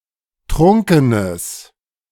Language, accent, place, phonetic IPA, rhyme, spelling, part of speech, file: German, Germany, Berlin, [ˈtʁʊŋkənəs], -ʊŋkənəs, trunkenes, adjective, De-trunkenes.ogg
- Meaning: strong/mixed nominative/accusative neuter singular of trunken